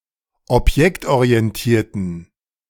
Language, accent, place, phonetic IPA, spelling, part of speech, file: German, Germany, Berlin, [ɔpˈjɛktʔoʁiɛnˌtiːɐ̯tn̩], objektorientierten, adjective, De-objektorientierten.ogg
- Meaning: inflection of objektorientiert: 1. strong genitive masculine/neuter singular 2. weak/mixed genitive/dative all-gender singular 3. strong/weak/mixed accusative masculine singular